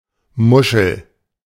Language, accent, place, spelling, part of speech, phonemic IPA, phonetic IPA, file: German, Germany, Berlin, Muschel, noun, /ˈmʊʃəl/, [ˈmʊʃl̩], De-Muschel.ogg
- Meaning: 1. bivalve; seashell (marine mollusk with a shell, or the shell itself) 2. mussel 3. snailshell 4. ellipsis of Hörmuschel 5. synonym of Muschi (female genitalia)